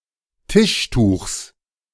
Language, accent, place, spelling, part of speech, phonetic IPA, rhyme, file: German, Germany, Berlin, Tischtuchs, noun, [ˈtɪʃˌtuːxs], -ɪʃtuːxs, De-Tischtuchs.ogg
- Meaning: genitive singular of Tischtuch